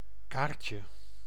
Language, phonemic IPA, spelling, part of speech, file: Dutch, /ˈkarcə/, kaartje, noun, Nl-kaartje.ogg
- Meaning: 1. diminutive of kaart 2. ticket, especially a train ticket